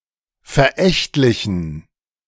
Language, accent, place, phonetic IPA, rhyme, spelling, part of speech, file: German, Germany, Berlin, [fɛɐ̯ˈʔɛçtlɪçn̩], -ɛçtlɪçn̩, verächtlichen, adjective, De-verächtlichen.ogg
- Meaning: inflection of verächtlich: 1. strong genitive masculine/neuter singular 2. weak/mixed genitive/dative all-gender singular 3. strong/weak/mixed accusative masculine singular 4. strong dative plural